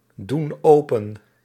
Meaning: inflection of opendoen: 1. plural present indicative 2. plural present subjunctive
- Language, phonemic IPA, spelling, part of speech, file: Dutch, /ˈdun ˈopə(n)/, doen open, verb, Nl-doen open.ogg